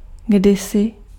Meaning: once, formerly
- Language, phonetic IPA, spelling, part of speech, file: Czech, [ˈɡdɪsɪ], kdysi, adverb, Cs-kdysi.ogg